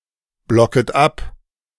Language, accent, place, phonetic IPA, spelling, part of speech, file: German, Germany, Berlin, [ˌblɔkət ˈap], blocket ab, verb, De-blocket ab.ogg
- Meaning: second-person plural subjunctive I of abblocken